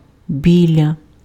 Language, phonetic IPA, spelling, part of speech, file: Ukrainian, [ˈbʲilʲɐ], біля, preposition, Uk-біля.ogg
- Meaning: next to; near (as a preposition)